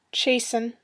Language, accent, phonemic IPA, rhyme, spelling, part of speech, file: English, US, /ˈt͡ʃeɪ.sən/, -eɪsən, chasten, verb, En-us-Chasten.ogg
- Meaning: 1. To make chaste 2. To chastize; to punish or reprimand for the sake of improvement 3. To render humble or restrained